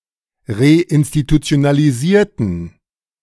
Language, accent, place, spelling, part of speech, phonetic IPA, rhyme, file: German, Germany, Berlin, reinstitutionalisierten, adjective / verb, [ʁeʔɪnstitut͡si̯onaliˈziːɐ̯tn̩], -iːɐ̯tn̩, De-reinstitutionalisierten.ogg
- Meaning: inflection of reinstitutionalisieren: 1. first/third-person plural preterite 2. first/third-person plural subjunctive II